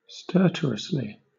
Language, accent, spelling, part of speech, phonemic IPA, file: English, Southern England, stertorously, adverb, /ˈstəː.təɹ.əs.li/, LL-Q1860 (eng)-stertorously.wav
- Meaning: With heavy breathing, as if snoring; in a stertorous manner